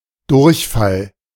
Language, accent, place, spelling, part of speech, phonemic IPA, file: German, Germany, Berlin, Durchfall, noun, /ˈdʊʁçˌfal/, De-Durchfall.ogg
- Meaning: diarrhea